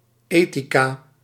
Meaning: 1. ethics 2. female ethicist, woman studying ethics
- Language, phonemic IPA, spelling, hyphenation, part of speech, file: Dutch, /ˈeː.ti.kaː/, ethica, ethi‧ca, noun, Nl-ethica.ogg